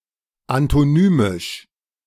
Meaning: antonymic
- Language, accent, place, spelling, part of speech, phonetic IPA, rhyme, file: German, Germany, Berlin, antonymisch, adjective, [antoˈnyːmɪʃ], -yːmɪʃ, De-antonymisch.ogg